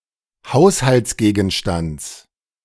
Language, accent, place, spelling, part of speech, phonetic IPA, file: German, Germany, Berlin, Haushaltsgegenstands, noun, [ˈhaʊ̯shalt͡sˌɡeːɡn̩ʃtant͡s], De-Haushaltsgegenstands.ogg
- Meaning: genitive singular of Haushaltsgegenstand